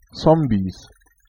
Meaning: 1. genitive singular of Zombie 2. plural of Zombie
- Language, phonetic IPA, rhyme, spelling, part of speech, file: German, [ˈt͡sɔmbis], -ɔmbis, Zombies, noun, De-Zombies.ogg